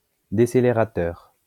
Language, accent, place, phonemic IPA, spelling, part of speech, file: French, France, Lyon, /de.se.le.ʁa.tœʁ/, décélérateur, adjective / noun, LL-Q150 (fra)-décélérateur.wav
- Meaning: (adjective) decelerating; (noun) decelerator